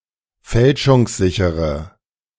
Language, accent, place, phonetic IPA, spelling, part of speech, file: German, Germany, Berlin, [ˈfɛlʃʊŋsˌzɪçəʁə], fälschungssichere, adjective, De-fälschungssichere.ogg
- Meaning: inflection of fälschungssicher: 1. strong/mixed nominative/accusative feminine singular 2. strong nominative/accusative plural 3. weak nominative all-gender singular